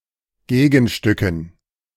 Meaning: dative plural of Gegenstück
- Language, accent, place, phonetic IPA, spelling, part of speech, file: German, Germany, Berlin, [ˈɡeːɡn̩ˌʃtʏkn̩], Gegenstücken, noun, De-Gegenstücken.ogg